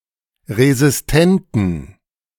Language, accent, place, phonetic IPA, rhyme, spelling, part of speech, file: German, Germany, Berlin, [ʁezɪsˈtɛntn̩], -ɛntn̩, resistenten, adjective, De-resistenten.ogg
- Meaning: inflection of resistent: 1. strong genitive masculine/neuter singular 2. weak/mixed genitive/dative all-gender singular 3. strong/weak/mixed accusative masculine singular 4. strong dative plural